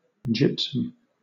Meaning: A mineral consisting of hydrated calcium sulphate. When calcinated, it forms plaster of Paris
- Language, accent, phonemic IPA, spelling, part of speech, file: English, Southern England, /ˈd͡ʒɪp.səm/, gypsum, noun, LL-Q1860 (eng)-gypsum.wav